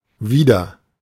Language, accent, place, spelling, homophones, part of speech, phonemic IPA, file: German, Germany, Berlin, wider, wieder, preposition, /ˈviːdər/, De-wider.ogg
- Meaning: against